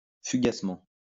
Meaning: fleetingly
- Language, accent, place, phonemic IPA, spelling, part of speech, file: French, France, Lyon, /fy.ɡas.mɑ̃/, fugacement, adverb, LL-Q150 (fra)-fugacement.wav